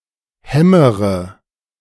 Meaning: inflection of hämmern: 1. first-person singular present 2. first/third-person singular subjunctive I 3. singular imperative
- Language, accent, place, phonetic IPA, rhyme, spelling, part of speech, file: German, Germany, Berlin, [ˈhɛməʁə], -ɛməʁə, hämmere, verb, De-hämmere.ogg